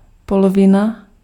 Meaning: half (one of two equal parts into which something may be divided)
- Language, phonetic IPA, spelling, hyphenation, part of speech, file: Czech, [ˈpolovɪna], polovina, po‧lo‧vi‧na, noun, Cs-polovina.ogg